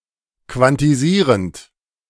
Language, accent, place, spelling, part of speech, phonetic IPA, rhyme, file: German, Germany, Berlin, quantisierend, verb, [kvantiˈziːʁənt], -iːʁənt, De-quantisierend.ogg
- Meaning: present participle of quantisieren